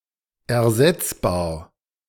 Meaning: replaceable
- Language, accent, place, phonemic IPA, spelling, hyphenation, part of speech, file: German, Germany, Berlin, /ɛɐ̯ˈzɛt͡sbaːɐ̯/, ersetzbar, er‧setz‧bar, adjective, De-ersetzbar.ogg